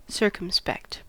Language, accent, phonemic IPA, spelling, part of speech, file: English, US, /ˈsɝ.kəm.spɛkt/, circumspect, adjective, En-us-circumspect.ogg
- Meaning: Carefully aware of all circumstances; considerate of all that is pertinent